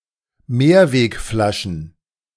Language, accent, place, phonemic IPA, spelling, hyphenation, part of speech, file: German, Germany, Berlin, /ˈmeːɐ̯veːkˌflaʃn̩/, Mehrwegflaschen, Mehr‧weg‧fla‧schen, noun, De-Mehrwegflaschen.ogg
- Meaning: plural of Mehrwegflasche